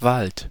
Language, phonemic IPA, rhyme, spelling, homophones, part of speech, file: German, /valt/, -alt, Wald, wallt, noun, De-Wald.ogg
- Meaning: forest; woods; woodland